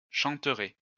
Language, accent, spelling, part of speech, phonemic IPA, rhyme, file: French, France, chanterais, verb, /ʃɑ̃.tʁɛ/, -ɛ, LL-Q150 (fra)-chanterais.wav
- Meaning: first/second-person singular conditional of chanter